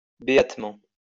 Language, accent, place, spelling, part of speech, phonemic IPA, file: French, France, Lyon, béatement, adverb, /be.at.mɑ̃/, LL-Q150 (fra)-béatement.wav
- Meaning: blissfully